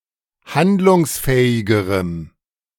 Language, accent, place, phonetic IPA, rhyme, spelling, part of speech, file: German, Germany, Berlin, [ˈhandlʊŋsˌfɛːɪɡəʁəm], -andlʊŋsfɛːɪɡəʁəm, handlungsfähigerem, adjective, De-handlungsfähigerem.ogg
- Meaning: strong dative masculine/neuter singular comparative degree of handlungsfähig